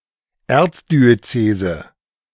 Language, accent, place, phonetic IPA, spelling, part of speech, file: German, Germany, Berlin, [ˈɛʁt͡sdiøˌt͡seːzə], Erzdiözese, noun, De-Erzdiözese.ogg
- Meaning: archdiocese